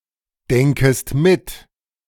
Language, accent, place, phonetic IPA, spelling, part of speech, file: German, Germany, Berlin, [ˌdɛŋkəst ˈmɪt], denkest mit, verb, De-denkest mit.ogg
- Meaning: second-person singular subjunctive I of mitdenken